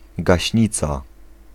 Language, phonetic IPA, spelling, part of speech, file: Polish, [ɡaɕˈɲit͡sa], gaśnica, noun, Pl-gaśnica.ogg